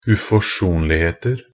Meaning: indefinite plural of uforsonlighet
- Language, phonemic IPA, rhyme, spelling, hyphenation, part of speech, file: Norwegian Bokmål, /ʉfɔˈʂuːnlɪheːtər/, -ər, uforsonligheter, u‧fors‧on‧lig‧het‧er, noun, Nb-uforsonligheter.ogg